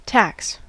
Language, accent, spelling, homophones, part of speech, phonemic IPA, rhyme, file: English, US, tax, tacks, noun / verb, /tæks/, -æks, En-us-tax.ogg